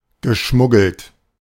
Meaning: past participle of schmuggeln
- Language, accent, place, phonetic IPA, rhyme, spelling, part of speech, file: German, Germany, Berlin, [ɡəˈʃmʊɡl̩t], -ʊɡl̩t, geschmuggelt, adjective / verb, De-geschmuggelt.ogg